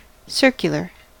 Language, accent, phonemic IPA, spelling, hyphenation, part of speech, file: English, US, /ˈsɜɹ.kjə.ləɹ/, circular, cir‧cu‧lar, adjective / noun / verb, En-us-circular.ogg
- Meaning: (adjective) 1. Of or relating to a circle 2. In the shape of, or moving in, a circle 3. Circuitous or roundabout